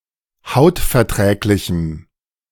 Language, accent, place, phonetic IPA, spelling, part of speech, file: German, Germany, Berlin, [ˈhaʊ̯tfɛɐ̯ˌtʁɛːklɪçm̩], hautverträglichem, adjective, De-hautverträglichem.ogg
- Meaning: strong dative masculine/neuter singular of hautverträglich